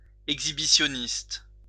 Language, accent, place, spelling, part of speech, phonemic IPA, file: French, France, Lyon, exhibitionniste, noun, /ɛɡ.zi.bi.sjɔ.nist/, LL-Q150 (fra)-exhibitionniste.wav
- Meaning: exhibitionist